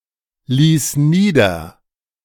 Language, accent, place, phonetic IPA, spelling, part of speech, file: German, Germany, Berlin, [ˌliːs ˈniːdɐ], ließ nieder, verb, De-ließ nieder.ogg
- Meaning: first/third-person singular preterite of niederlassen